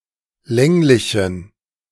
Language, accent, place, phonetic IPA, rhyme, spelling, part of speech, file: German, Germany, Berlin, [ˈlɛŋlɪçn̩], -ɛŋlɪçn̩, länglichen, adjective, De-länglichen.ogg
- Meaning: inflection of länglich: 1. strong genitive masculine/neuter singular 2. weak/mixed genitive/dative all-gender singular 3. strong/weak/mixed accusative masculine singular 4. strong dative plural